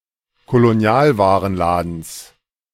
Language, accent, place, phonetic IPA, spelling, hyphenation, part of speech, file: German, Germany, Berlin, [koloˈni̯aːlvaːʁənˌlaːdn̩s], Kolonialwarenladens, Ko‧lo‧ni‧al‧wa‧ren‧la‧dens, noun, De-Kolonialwarenladens.ogg
- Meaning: genitive singular of Kolonialwarenladen